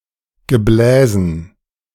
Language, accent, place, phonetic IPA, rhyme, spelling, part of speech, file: German, Germany, Berlin, [ɡəˈblɛːzn̩], -ɛːzn̩, Gebläsen, noun, De-Gebläsen.ogg
- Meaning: dative plural of Gebläse